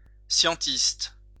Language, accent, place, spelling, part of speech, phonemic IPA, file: French, France, Lyon, scientiste, adjective, /sjɑ̃.tist/, LL-Q150 (fra)-scientiste.wav
- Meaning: scientistic